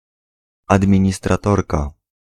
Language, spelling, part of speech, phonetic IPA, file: Polish, administratorka, noun, [ˌadmʲĩɲistraˈtɔrka], Pl-administratorka.ogg